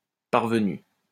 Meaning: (adjective) parvenu; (verb) past participle of parvenir
- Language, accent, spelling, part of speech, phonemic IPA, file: French, France, parvenu, adjective / noun / verb, /paʁ.və.ny/, LL-Q150 (fra)-parvenu.wav